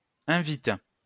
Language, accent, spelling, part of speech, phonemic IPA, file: French, France, invite, verb, /ɛ̃.vit/, LL-Q150 (fra)-invite.wav
- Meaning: inflection of inviter: 1. first/third-person singular present indicative/subjunctive 2. second-person singular imperative